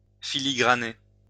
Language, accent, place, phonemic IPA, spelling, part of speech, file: French, France, Lyon, /fi.li.ɡʁa.ne/, filigraner, verb, LL-Q150 (fra)-filigraner.wav
- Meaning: filigree (to decorate something with intricate ornamentation made from gold or silver twisted wire)